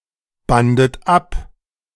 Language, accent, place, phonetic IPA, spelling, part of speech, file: German, Germany, Berlin, [ˌbandət ˈap], bandet ab, verb, De-bandet ab.ogg
- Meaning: second-person plural preterite of abbinden